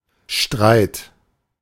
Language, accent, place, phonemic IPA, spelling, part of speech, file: German, Germany, Berlin, /ʃtʁaɪ̯t/, Streit, noun, De-Streit.ogg
- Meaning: 1. quarrel, dispute, fight, argument 2. fight, battle